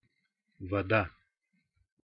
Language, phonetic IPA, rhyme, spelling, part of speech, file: Russian, [vɐˈda], -a, вода, noun, Ru-вода.ogg
- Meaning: 1. water 2. soft drink, soda 3. tide 4. watery prose, fluff